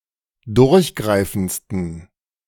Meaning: 1. superlative degree of durchgreifend 2. inflection of durchgreifend: strong genitive masculine/neuter singular superlative degree
- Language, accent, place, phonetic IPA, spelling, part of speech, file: German, Germany, Berlin, [ˈdʊʁçˌɡʁaɪ̯fn̩t͡stən], durchgreifendsten, adjective, De-durchgreifendsten.ogg